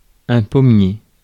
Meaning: apple tree
- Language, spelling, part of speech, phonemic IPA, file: French, pommier, noun, /pɔ.mje/, Fr-pommier.ogg